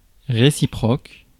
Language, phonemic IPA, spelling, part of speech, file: French, /ʁe.si.pʁɔk/, réciproque, adjective / noun, Fr-réciproque.ogg
- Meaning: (adjective) 1. reciprocal 2. converse 3. interchangeable; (noun) reverse